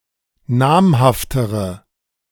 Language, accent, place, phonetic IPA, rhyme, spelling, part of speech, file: German, Germany, Berlin, [ˈnaːmhaftəʁə], -aːmhaftəʁə, namhaftere, adjective, De-namhaftere.ogg
- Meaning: inflection of namhaft: 1. strong/mixed nominative/accusative feminine singular comparative degree 2. strong nominative/accusative plural comparative degree